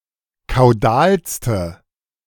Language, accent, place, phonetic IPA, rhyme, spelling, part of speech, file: German, Germany, Berlin, [kaʊ̯ˈdaːlstə], -aːlstə, kaudalste, adjective, De-kaudalste.ogg
- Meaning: inflection of kaudal: 1. strong/mixed nominative/accusative feminine singular superlative degree 2. strong nominative/accusative plural superlative degree